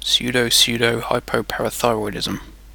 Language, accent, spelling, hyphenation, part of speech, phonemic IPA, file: English, UK, pseudopseudohypoparathyroidism, pseu‧do‧pseu‧do‧hy‧po‧par‧a‧thy‧roid‧ism, noun, /ˌsjuː.dəʊˌsjuː.dəʊˌhaɪ.pəʊ.pæɹ.əˈθaɪ.ɹɔɪd.ɪzəm/, En-uk-pseudopseudohypoparathyroidism.ogg